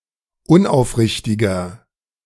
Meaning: 1. comparative degree of unaufrichtig 2. inflection of unaufrichtig: strong/mixed nominative masculine singular 3. inflection of unaufrichtig: strong genitive/dative feminine singular
- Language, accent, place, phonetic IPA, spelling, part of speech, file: German, Germany, Berlin, [ˈʊnʔaʊ̯fˌʁɪçtɪɡɐ], unaufrichtiger, adjective, De-unaufrichtiger.ogg